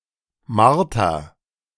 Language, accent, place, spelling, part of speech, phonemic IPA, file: German, Germany, Berlin, Marter, noun, /ˈmaʁtɐ/, De-Marter.ogg
- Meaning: torture, ordeal